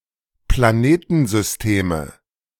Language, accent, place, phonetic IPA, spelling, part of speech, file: German, Germany, Berlin, [plaˈneːtn̩zʏsˌteːmə], Planetensysteme, noun, De-Planetensysteme.ogg
- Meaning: nominative/accusative/genitive plural of Planetensystem